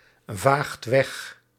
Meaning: inflection of wegvagen: 1. second/third-person singular present indicative 2. plural imperative
- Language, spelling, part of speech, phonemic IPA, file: Dutch, vaagt weg, verb, /ˈvaxt ˈwɛx/, Nl-vaagt weg.ogg